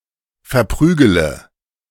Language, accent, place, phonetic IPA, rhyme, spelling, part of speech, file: German, Germany, Berlin, [fɛɐ̯ˈpʁyːɡələ], -yːɡələ, verprügele, verb, De-verprügele.ogg
- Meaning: inflection of verprügeln: 1. first-person singular present 2. first-person plural subjunctive I 3. third-person singular subjunctive I 4. singular imperative